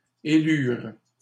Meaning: third-person plural past historic of élire
- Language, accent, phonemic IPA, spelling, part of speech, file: French, Canada, /e.lyʁ/, élurent, verb, LL-Q150 (fra)-élurent.wav